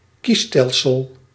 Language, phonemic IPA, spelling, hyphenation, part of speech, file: Dutch, /ˈkiˌstɛl.səl/, kiesstelsel, kies‧stel‧sel, noun, Nl-kiesstelsel.ogg
- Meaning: electoral system